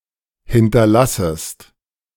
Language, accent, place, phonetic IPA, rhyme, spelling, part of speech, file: German, Germany, Berlin, [ˌhɪntɐˈlasəst], -asəst, hinterlassest, verb, De-hinterlassest.ogg
- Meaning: second-person singular subjunctive I of hinterlassen